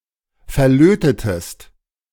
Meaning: inflection of verlöten: 1. second-person singular preterite 2. second-person singular subjunctive II
- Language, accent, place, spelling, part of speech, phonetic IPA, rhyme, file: German, Germany, Berlin, verlötetest, verb, [fɛɐ̯ˈløːtətəst], -øːtətəst, De-verlötetest.ogg